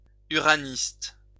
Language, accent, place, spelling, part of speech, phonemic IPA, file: French, France, Lyon, uraniste, noun, /y.ʁa.nist/, LL-Q150 (fra)-uraniste.wav
- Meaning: uranist